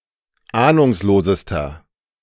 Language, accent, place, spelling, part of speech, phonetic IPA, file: German, Germany, Berlin, ahnungslosester, adjective, [ˈaːnʊŋsloːzəstɐ], De-ahnungslosester.ogg
- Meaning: inflection of ahnungslos: 1. strong/mixed nominative masculine singular superlative degree 2. strong genitive/dative feminine singular superlative degree 3. strong genitive plural superlative degree